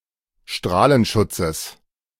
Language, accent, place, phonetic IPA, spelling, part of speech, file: German, Germany, Berlin, [ˈʃtʁaːlənˌʃʊt͡səs], Strahlenschutzes, noun, De-Strahlenschutzes.ogg
- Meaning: genitive singular of Strahlenschutz